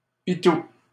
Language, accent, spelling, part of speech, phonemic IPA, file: French, Canada, pitou, noun, /pi.tu/, LL-Q150 (fra)-pitou.wav
- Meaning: 1. doggie 2. puppy